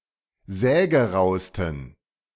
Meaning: 1. superlative degree of sägerau 2. inflection of sägerau: strong genitive masculine/neuter singular superlative degree
- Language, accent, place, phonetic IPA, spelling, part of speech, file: German, Germany, Berlin, [ˈzɛːɡəˌʁaʊ̯stn̩], sägerausten, adjective, De-sägerausten.ogg